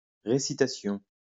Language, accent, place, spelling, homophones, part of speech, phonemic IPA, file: French, France, Lyon, récitation, récitations, noun, /ʁe.si.ta.sjɔ̃/, LL-Q150 (fra)-récitation.wav
- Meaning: recitation (act of reciting, material recited)